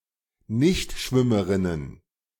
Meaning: plural of Nichtschwimmerin
- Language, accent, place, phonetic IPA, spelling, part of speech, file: German, Germany, Berlin, [ˈnɪçtˌʃvɪməʁɪnən], Nichtschwimmerinnen, noun, De-Nichtschwimmerinnen.ogg